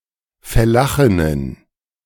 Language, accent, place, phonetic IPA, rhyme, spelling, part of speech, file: German, Germany, Berlin, [fɛˈlaxɪnən], -axɪnən, Fellachinnen, noun, De-Fellachinnen.ogg
- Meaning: plural of Fellachin